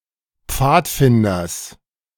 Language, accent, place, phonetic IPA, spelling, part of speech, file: German, Germany, Berlin, [ˈp͡faːtˌfɪndɐs], Pfadfinders, noun, De-Pfadfinders.ogg
- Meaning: genitive singular of Pfadfinder